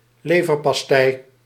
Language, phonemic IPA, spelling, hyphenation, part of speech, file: Dutch, /ˈleː.vər.pɑsˌtɛi̯/, leverpastei, le‧ver‧pas‧tei, noun, Nl-leverpastei.ogg
- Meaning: liver paté, liver paste